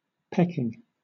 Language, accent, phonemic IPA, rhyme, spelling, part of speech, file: English, Southern England, /ˈpɛkɪŋ/, -ɛkɪŋ, pecking, verb / noun, LL-Q1860 (eng)-pecking.wav
- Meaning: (verb) present participle and gerund of peck; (noun) 1. The act by which something is pecked 2. The ancient skill of shaping stone into tools, containers, or artworks